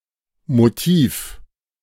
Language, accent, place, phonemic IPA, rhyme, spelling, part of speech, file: German, Germany, Berlin, /moˈtʰiːf/, -iːf, Motiv, noun, De-Motiv.ogg
- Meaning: 1. motive 2. motif